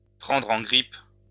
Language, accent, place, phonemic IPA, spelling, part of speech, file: French, France, Lyon, /pʁɑ̃.dʁ‿ɑ̃ ɡʁip/, prendre en grippe, verb, LL-Q150 (fra)-prendre en grippe.wav
- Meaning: to take a dislike to (someone), to take against (someone)